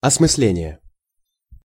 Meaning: apprehension, comprehension, understanding (act of grasping with the intellect)
- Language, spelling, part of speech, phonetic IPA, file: Russian, осмысление, noun, [ɐsmɨs⁽ʲ⁾ˈlʲenʲɪje], Ru-осмысление.ogg